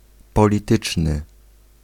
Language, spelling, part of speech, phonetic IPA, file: Polish, polityczny, adjective, [ˌpɔlʲiˈtɨt͡ʃnɨ], Pl-polityczny.ogg